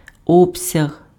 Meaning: volume, extent, scope, size
- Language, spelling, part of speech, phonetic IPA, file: Ukrainian, обсяг, noun, [ˈɔbsʲɐɦ], Uk-обсяг.ogg